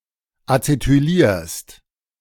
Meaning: second-person singular present of acetylieren
- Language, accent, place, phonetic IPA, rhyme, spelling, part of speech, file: German, Germany, Berlin, [at͡setyˈliːɐ̯st], -iːɐ̯st, acetylierst, verb, De-acetylierst.ogg